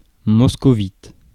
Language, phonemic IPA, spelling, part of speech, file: French, /mɔs.kɔ.vit/, moscovite, adjective, Fr-moscovite.ogg
- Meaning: Muscovite